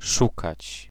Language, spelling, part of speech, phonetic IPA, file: Polish, szukać, verb, [ˈʃukat͡ɕ], Pl-szukać.ogg